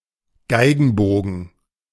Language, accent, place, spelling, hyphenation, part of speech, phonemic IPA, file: German, Germany, Berlin, Geigenbogen, Gei‧gen‧bo‧gen, noun, /ˈɡaɪ̯ɡn̩ˌboːɡn̩/, De-Geigenbogen.ogg
- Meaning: violin bow